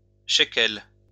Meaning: shekel (unit of currency)
- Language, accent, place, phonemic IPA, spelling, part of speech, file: French, France, Lyon, /ʃe.kɛl/, shekel, noun, LL-Q150 (fra)-shekel.wav